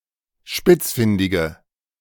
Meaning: inflection of spitzfindig: 1. strong/mixed nominative/accusative feminine singular 2. strong nominative/accusative plural 3. weak nominative all-gender singular
- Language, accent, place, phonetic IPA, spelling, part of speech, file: German, Germany, Berlin, [ˈʃpɪt͡sˌfɪndɪɡə], spitzfindige, adjective, De-spitzfindige.ogg